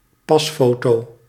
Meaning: a passport photo, a passport photograph
- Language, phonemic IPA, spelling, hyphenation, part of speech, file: Dutch, /ˈpɑsˌfoː.toː/, pasfoto, pas‧fo‧to, noun, Nl-pasfoto.ogg